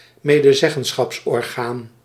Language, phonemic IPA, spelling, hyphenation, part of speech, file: Dutch, /meː.dəˈzɛ.ɣə(n).sxɑps.ɔrˌɣaːn/, medezeggenschapsorgaan, me‧de‧zeg‧gen‧schaps‧or‧gaan, noun, Nl-medezeggenschapsorgaan.ogg
- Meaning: body or organisation through which codetermination is implemented